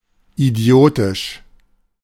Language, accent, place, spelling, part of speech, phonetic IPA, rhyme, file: German, Germany, Berlin, idiotisch, adjective, [iˈdi̯oːtɪʃ], -oːtɪʃ, De-idiotisch.ogg
- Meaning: idiotic